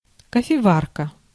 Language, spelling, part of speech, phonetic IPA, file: Russian, кофеварка, noun, [kəfʲɪˈvarkə], Ru-кофеварка.ogg
- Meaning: 1. coffeemaker (kitchen apparatus used to brew and filter coffee) 2. percolator, coffee machine